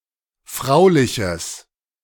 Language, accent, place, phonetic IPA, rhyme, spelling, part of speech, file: German, Germany, Berlin, [ˈfʁaʊ̯lɪçəs], -aʊ̯lɪçəs, frauliches, adjective, De-frauliches.ogg
- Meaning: strong/mixed nominative/accusative neuter singular of fraulich